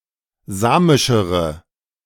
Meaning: inflection of samisch: 1. strong/mixed nominative/accusative feminine singular comparative degree 2. strong nominative/accusative plural comparative degree
- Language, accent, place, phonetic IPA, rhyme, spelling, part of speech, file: German, Germany, Berlin, [ˈzaːmɪʃəʁə], -aːmɪʃəʁə, samischere, adjective, De-samischere.ogg